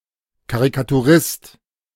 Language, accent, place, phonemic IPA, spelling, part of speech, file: German, Germany, Berlin, /ˌkaʁikatuˈʁɪst/, Karikaturist, noun, De-Karikaturist.ogg
- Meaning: caricaturist (male or of unspecified gender)